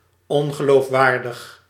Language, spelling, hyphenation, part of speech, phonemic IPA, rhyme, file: Dutch, ongeloofwaardig, on‧ge‧loof‧waar‧dig, adjective, /ˌɔn.ɣə.loːfˈʋaːr.dəx/, -aːrdəx, Nl-ongeloofwaardig.ogg
- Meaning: unbelievable, not credible